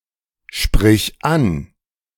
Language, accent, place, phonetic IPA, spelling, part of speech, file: German, Germany, Berlin, [ˌʃpʁɪç ˈan], sprich an, verb, De-sprich an.ogg
- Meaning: singular imperative of ansprechen